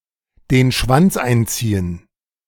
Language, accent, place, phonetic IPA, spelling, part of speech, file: German, Germany, Berlin, [deːn ʃvant͡s ˈaɪ̯nt͡siːən], den Schwanz einziehen, verb, De-den Schwanz einziehen.ogg
- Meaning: to turn tail, to be a coward